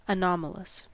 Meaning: 1. Deviating from the normal; marked by incongruity or contradiction; aberrant or abnormal 2. Of uncertain or unknown categorization; strange 3. Having anomalies
- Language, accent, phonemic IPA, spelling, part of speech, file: English, US, /əˈnɑmələs/, anomalous, adjective, En-us-anomalous.ogg